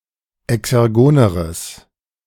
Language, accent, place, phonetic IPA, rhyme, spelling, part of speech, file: German, Germany, Berlin, [ɛksɛʁˈɡoːnəʁəs], -oːnəʁəs, exergoneres, adjective, De-exergoneres.ogg
- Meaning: strong/mixed nominative/accusative neuter singular comparative degree of exergon